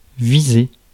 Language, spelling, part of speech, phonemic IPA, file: French, viser, verb, /vi.ze/, Fr-viser.ogg
- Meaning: 1. to aim, to target 2. to watch, to stare 3. to issue with a visa